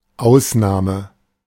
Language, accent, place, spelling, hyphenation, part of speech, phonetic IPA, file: German, Germany, Berlin, Ausnahme, Aus‧nah‧me, noun, [ˈʔaʊ̯sˌnaːmə], De-Ausnahme.ogg
- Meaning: 1. exception 2. exception (interruption in normal processing, typically caused by an error condition)